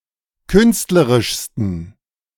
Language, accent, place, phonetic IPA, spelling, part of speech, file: German, Germany, Berlin, [ˈkʏnstləʁɪʃstn̩], künstlerischsten, adjective, De-künstlerischsten.ogg
- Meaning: 1. superlative degree of künstlerisch 2. inflection of künstlerisch: strong genitive masculine/neuter singular superlative degree